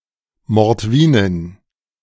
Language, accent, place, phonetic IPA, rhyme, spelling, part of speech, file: German, Germany, Berlin, [mɔʁtˈviːnɪn], -iːnɪn, Mordwinin, noun, De-Mordwinin.ogg
- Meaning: Mordvin (woman belonging to the Mordvin people)